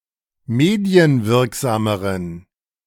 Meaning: inflection of medienwirksam: 1. strong genitive masculine/neuter singular comparative degree 2. weak/mixed genitive/dative all-gender singular comparative degree
- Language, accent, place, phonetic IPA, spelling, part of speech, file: German, Germany, Berlin, [ˈmeːdi̯ənˌvɪʁkzaːməʁən], medienwirksameren, adjective, De-medienwirksameren.ogg